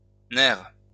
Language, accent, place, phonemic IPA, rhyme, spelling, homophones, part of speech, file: French, France, Lyon, /nɛʁ/, -ɛʁ, nerfs, nerf, noun, LL-Q150 (fra)-nerfs.wav
- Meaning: plural of nerf